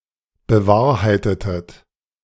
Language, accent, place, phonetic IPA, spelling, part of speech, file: German, Germany, Berlin, [bəˈvaːɐ̯haɪ̯tətət], bewahrheitetet, verb, De-bewahrheitetet.ogg
- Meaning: inflection of bewahrheiten: 1. second-person plural preterite 2. second-person plural subjunctive II